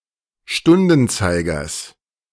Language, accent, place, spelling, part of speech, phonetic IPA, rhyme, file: German, Germany, Berlin, Stundenzeigers, noun, [ˈʃtʊndn̩ˌt͡saɪ̯ɡɐs], -ʊndn̩t͡saɪ̯ɡɐs, De-Stundenzeigers.ogg
- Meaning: genitive singular of Stundenzeiger